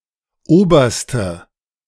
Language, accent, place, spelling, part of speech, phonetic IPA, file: German, Germany, Berlin, Oberste, noun, [ˈoːbɐstə], De-Oberste.ogg
- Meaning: nominative/accusative/genitive plural of Oberst